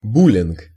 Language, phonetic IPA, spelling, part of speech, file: Russian, [ˈbulʲɪnk], буллинг, noun, Ru-буллинг.ogg
- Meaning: bullying